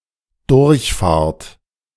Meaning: second-person plural dependent present of durchfahren
- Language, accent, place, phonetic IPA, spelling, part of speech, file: German, Germany, Berlin, [ˈdʊʁçˌfaːɐ̯t], durchfahrt, verb, De-durchfahrt.ogg